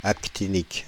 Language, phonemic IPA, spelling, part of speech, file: French, /ak.ti.nik/, actinique, adjective, Fr-actinique.ogg
- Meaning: actinic